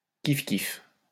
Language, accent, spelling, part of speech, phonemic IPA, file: French, France, kif-kif, adjective, /kif.kif/, LL-Q150 (fra)-kif-kif.wav
- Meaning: same, alike